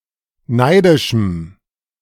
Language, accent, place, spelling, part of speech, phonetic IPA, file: German, Germany, Berlin, neidischem, adjective, [ˈnaɪ̯dɪʃm̩], De-neidischem.ogg
- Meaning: strong dative masculine/neuter singular of neidisch